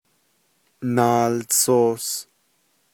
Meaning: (verb) Simple passive form of neiłtsoos (“a flat flexible object is being carried around”); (noun) papers, documentation, printed material: 1. book 2. encyclopedia 3. mail, letter, paper, page
- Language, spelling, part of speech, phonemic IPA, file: Navajo, naaltsoos, verb / noun, /nɑ̀ːlt͡sʰòːs/, Nv-naaltsoos.ogg